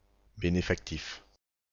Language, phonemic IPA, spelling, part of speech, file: French, /be.ne.fak.tif/, bénéfactif, noun, Bénéfactif-FR.ogg
- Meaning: benefactive, benefactive case